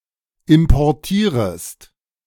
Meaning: second-person singular subjunctive I of importieren
- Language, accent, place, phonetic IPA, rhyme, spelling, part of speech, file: German, Germany, Berlin, [ɪmpɔʁˈtiːʁəst], -iːʁəst, importierest, verb, De-importierest.ogg